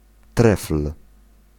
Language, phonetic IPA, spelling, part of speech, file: Polish, [trɛfl̥], trefl, noun / adjective, Pl-trefl.ogg